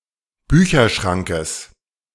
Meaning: genitive singular of Bücherschrank
- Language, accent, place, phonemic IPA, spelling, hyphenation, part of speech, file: German, Germany, Berlin, /ˈbyːçɐˌʃʁaŋkəs/, Bücherschrankes, Bü‧cher‧schran‧kes, noun, De-Bücherschrankes.ogg